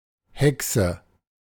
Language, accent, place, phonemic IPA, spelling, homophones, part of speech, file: German, Germany, Berlin, /ˈhɛksə/, Haeckse, Hexe, noun, De-Haeckse.ogg
- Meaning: synonym of Hackerin (female hacker, especially in relation to the Chaos Computer Club)